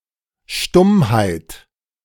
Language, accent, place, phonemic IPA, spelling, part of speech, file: German, Germany, Berlin, /ˈʃtʊmhaɪ̯t/, Stummheit, noun, De-Stummheit.ogg
- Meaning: dumbness, muteness (condition of being mute, inability to speak)